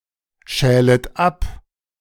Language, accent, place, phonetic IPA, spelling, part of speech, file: German, Germany, Berlin, [ˌʃɛːlət ˈap], schälet ab, verb, De-schälet ab.ogg
- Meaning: second-person plural subjunctive I of abschälen